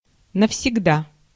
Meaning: 1. forever 2. once and for all
- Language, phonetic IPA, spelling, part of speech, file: Russian, [nəfsʲɪɡˈda], навсегда, adverb, Ru-навсегда.ogg